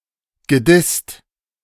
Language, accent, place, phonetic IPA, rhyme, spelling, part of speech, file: German, Germany, Berlin, [ɡəˈdɪst], -ɪst, gedisst, verb, De-gedisst.ogg
- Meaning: past participle of dissen